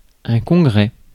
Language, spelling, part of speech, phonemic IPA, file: French, congrès, noun, /kɔ̃.ɡʁɛ/, Fr-congrès.ogg
- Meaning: congress